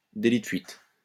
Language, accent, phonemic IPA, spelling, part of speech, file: French, France, /de.li də fɥit/, délit de fuite, noun, LL-Q150 (fra)-délit de fuite.wav
- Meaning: hit and run